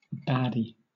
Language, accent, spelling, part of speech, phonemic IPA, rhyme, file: English, Southern England, baddie, noun, /ˈbædi/, -ædi, LL-Q1860 (eng)-baddie.wav
- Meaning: 1. A person of bad character, especially in a work of fiction 2. An attractive, confident woman, especially one who is a social media influencer